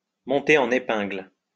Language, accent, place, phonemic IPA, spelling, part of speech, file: French, France, Lyon, /mɔ̃.te ɑ̃.n‿e.pɛ̃ɡl/, monter en épingle, verb, LL-Q150 (fra)-monter en épingle.wav
- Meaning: to highlight; to build up, to play up, to blow up (sometimes out of proportion)